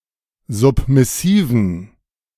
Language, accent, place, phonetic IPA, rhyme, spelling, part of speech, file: German, Germany, Berlin, [ˌzʊpmɪˈsiːvn̩], -iːvn̩, submissiven, adjective, De-submissiven.ogg
- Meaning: inflection of submissiv: 1. strong genitive masculine/neuter singular 2. weak/mixed genitive/dative all-gender singular 3. strong/weak/mixed accusative masculine singular 4. strong dative plural